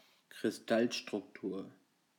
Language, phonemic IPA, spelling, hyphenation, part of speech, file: German, /kʁɪsˈtalʃtʁʊkˌtuːɐ̯/, Kristallstruktur, Kris‧tall‧struk‧tur, noun, De-Kristallstruktur.ogg
- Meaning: crystal structure